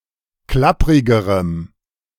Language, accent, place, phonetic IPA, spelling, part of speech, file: German, Germany, Berlin, [ˈklapʁɪɡəʁəm], klapprigerem, adjective, De-klapprigerem.ogg
- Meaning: strong dative masculine/neuter singular comparative degree of klapprig